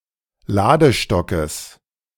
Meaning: genitive singular of Ladestock
- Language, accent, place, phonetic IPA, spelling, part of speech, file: German, Germany, Berlin, [ˈlaːdəˌʃtɔkəs], Ladestockes, noun, De-Ladestockes.ogg